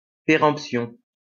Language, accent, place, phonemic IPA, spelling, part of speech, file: French, France, Lyon, /pe.ʁɑ̃p.sjɔ̃/, péremption, noun, LL-Q150 (fra)-péremption.wav
- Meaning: 1. expiry, expiration 2. acquiescence, estoppel by acquiescence